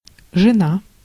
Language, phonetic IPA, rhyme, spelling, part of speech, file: Russian, [ʐɨˈna], -a, жена, noun, Ru-жена.ogg
- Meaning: 1. wife 2. woman